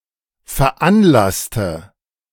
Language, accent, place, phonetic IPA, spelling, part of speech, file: German, Germany, Berlin, [fɛɐ̯ˈʔanˌlastə], veranlasste, adjective / verb, De-veranlasste.ogg
- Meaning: inflection of veranlassen: 1. first/third-person singular preterite 2. first/third-person singular subjunctive II